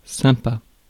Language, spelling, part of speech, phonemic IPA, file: French, sympa, adjective, /sɛ̃.pa/, Fr-sympa.ogg
- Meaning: 1. nice; likeable 2. appealing, attractive